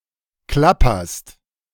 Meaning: second-person singular present of klappern
- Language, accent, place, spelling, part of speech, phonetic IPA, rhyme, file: German, Germany, Berlin, klapperst, verb, [ˈklapɐst], -apɐst, De-klapperst.ogg